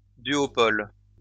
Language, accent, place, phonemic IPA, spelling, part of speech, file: French, France, Lyon, /dɥɔ.pɔl/, duopole, noun, LL-Q150 (fra)-duopole.wav
- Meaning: duopoly